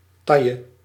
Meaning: waistline
- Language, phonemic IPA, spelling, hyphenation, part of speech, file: Dutch, /ˈtɑ.jə/, taille, tail‧le, noun, Nl-taille.ogg